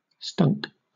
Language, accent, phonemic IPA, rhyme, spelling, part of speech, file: English, Southern England, /stʌŋk/, -ʌŋk, stunk, verb, LL-Q1860 (eng)-stunk.wav
- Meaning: simple past and past participle of stink